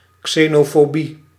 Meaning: xenophobia, hatred and/or pathological fear towards strangers or foreigners
- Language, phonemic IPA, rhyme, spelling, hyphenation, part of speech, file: Dutch, /ˌkseːnoːfoːˈbi/, -i, xenofobie, xe‧no‧fo‧bie, noun, Nl-xenofobie.ogg